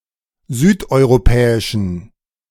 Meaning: inflection of südeuropäisch: 1. strong genitive masculine/neuter singular 2. weak/mixed genitive/dative all-gender singular 3. strong/weak/mixed accusative masculine singular 4. strong dative plural
- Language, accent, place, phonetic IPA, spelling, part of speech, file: German, Germany, Berlin, [ˈzyːtʔɔɪ̯ʁoˌpɛːɪʃn̩], südeuropäischen, adjective, De-südeuropäischen.ogg